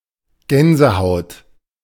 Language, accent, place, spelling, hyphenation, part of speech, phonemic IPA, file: German, Germany, Berlin, Gänsehaut, Gän‧se‧haut, noun, /ˈɡɛnzəˌhaʊ̯t/, De-Gänsehaut.ogg
- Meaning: goose pimples, goose bumps, goose flesh